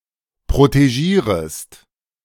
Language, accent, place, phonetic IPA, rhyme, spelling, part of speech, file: German, Germany, Berlin, [pʁoteˈʒiːʁəst], -iːʁəst, protegierest, verb, De-protegierest.ogg
- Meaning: second-person singular subjunctive I of protegieren